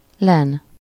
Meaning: flax
- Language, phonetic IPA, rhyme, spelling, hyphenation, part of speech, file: Hungarian, [ˈlɛn], -ɛn, len, len, noun, Hu-len.ogg